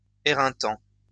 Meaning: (verb) present participle of éreinter; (adjective) exhausting
- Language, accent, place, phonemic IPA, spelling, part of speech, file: French, France, Lyon, /e.ʁɛ̃.tɑ̃/, éreintant, verb / adjective, LL-Q150 (fra)-éreintant.wav